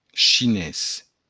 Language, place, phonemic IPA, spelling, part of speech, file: Occitan, Béarn, /t͡ʃiˈnes/, chinés, adjective / noun, LL-Q14185 (oci)-chinés.wav
- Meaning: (adjective) Chinese; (noun) 1. Chinese (language) 2. a Chinese person